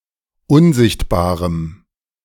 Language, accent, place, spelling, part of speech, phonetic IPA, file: German, Germany, Berlin, unsichtbarem, adjective, [ˈʊnˌzɪçtbaːʁəm], De-unsichtbarem.ogg
- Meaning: strong dative masculine/neuter singular of unsichtbar